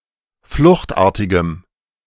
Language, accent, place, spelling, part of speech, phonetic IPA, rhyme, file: German, Germany, Berlin, fluchtartigem, adjective, [ˈflʊxtˌʔaːɐ̯tɪɡəm], -ʊxtʔaːɐ̯tɪɡəm, De-fluchtartigem.ogg
- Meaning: strong dative masculine/neuter singular of fluchtartig